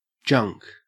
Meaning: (noun) 1. Miscellaneous items of little value, especially discarded or unwanted items 2. Material or resources of poor quality or low value, especially resources that lack commercial value
- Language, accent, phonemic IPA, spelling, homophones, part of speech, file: English, Australia, /d͡ʒɐŋk/, junk, junque, noun / verb, En-au-junk.ogg